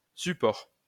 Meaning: 1. support 2. base 3. supporter
- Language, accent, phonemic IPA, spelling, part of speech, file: French, France, /sy.pɔʁ/, support, noun, LL-Q150 (fra)-support.wav